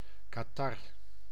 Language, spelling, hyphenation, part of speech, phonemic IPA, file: Dutch, catarre, ca‧tar‧re, noun, /ˌkaːˈtɑ.rə/, Nl-catarre.ogg
- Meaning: catarrh, chronic inflammation of the mucous membranes